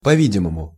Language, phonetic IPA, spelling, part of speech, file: Russian, [pɐ‿ˈvʲidʲɪməmʊ], по-видимому, adverb, Ru-по-видимому.ogg
- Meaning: apparently, seemingly